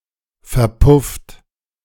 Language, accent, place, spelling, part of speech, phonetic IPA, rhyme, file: German, Germany, Berlin, verpufft, verb, [fɛɐ̯ˈpʊft], -ʊft, De-verpufft.ogg
- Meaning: 1. past participle of verpuffen 2. inflection of verpuffen: second-person plural present 3. inflection of verpuffen: third-person singular present 4. inflection of verpuffen: plural imperative